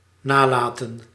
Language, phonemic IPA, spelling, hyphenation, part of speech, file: Dutch, /ˈnaːˌlaː.tə(n)/, nalaten, na‧la‧ten, verb, Nl-nalaten.ogg
- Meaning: 1. to leave behind, bequeath 2. to neglect